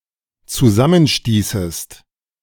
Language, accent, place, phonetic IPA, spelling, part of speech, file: German, Germany, Berlin, [t͡suˈzamənˌʃtiːsəst], zusammenstießest, verb, De-zusammenstießest.ogg
- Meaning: second-person singular dependent subjunctive II of zusammenstoßen